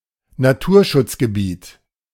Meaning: nature reserve
- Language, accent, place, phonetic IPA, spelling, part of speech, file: German, Germany, Berlin, [naˈtuːɐ̯ʃʊt͡sɡəˌbiːt], Naturschutzgebiet, noun, De-Naturschutzgebiet.ogg